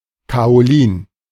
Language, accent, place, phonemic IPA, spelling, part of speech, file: German, Germany, Berlin, /kaoˈliːn/, Kaolin, noun, De-Kaolin.ogg
- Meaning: kaolin